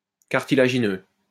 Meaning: cartilaginous, gristly
- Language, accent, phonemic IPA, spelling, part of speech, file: French, France, /kaʁ.ti.la.ʒi.nø/, cartilagineux, adjective, LL-Q150 (fra)-cartilagineux.wav